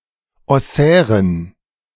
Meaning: inflection of ossär: 1. strong genitive masculine/neuter singular 2. weak/mixed genitive/dative all-gender singular 3. strong/weak/mixed accusative masculine singular 4. strong dative plural
- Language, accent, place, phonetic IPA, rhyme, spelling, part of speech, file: German, Germany, Berlin, [ɔˈsɛːʁən], -ɛːʁən, ossären, adjective, De-ossären.ogg